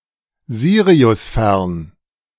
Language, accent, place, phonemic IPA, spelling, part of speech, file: German, Germany, Berlin, /ˈziːʁi̯ʊsˌfɛʁn/, siriusfern, adjective, De-siriusfern.ogg
- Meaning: very distant